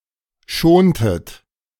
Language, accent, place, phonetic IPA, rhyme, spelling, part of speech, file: German, Germany, Berlin, [ˈʃoːntət], -oːntət, schontet, verb, De-schontet.ogg
- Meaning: inflection of schonen: 1. second-person plural preterite 2. second-person plural subjunctive II